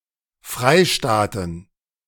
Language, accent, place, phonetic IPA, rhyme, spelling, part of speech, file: German, Germany, Berlin, [ˈfʁaɪ̯ˌʃtaːtn̩], -aɪ̯ʃtaːtn̩, Freistaaten, noun, De-Freistaaten.ogg
- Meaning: plural of Freistaat